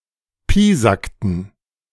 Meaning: inflection of piesacken: 1. first/third-person plural preterite 2. first/third-person plural subjunctive II
- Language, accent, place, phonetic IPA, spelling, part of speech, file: German, Germany, Berlin, [ˈpiːzaktn̩], piesackten, verb, De-piesackten.ogg